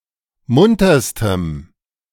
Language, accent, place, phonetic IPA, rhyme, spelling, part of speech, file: German, Germany, Berlin, [ˈmʊntɐstəm], -ʊntɐstəm, munterstem, adjective, De-munterstem.ogg
- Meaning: strong dative masculine/neuter singular superlative degree of munter